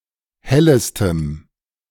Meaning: strong dative masculine/neuter singular superlative degree of helle
- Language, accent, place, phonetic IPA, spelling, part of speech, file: German, Germany, Berlin, [ˈhɛləstəm], hellestem, adjective, De-hellestem.ogg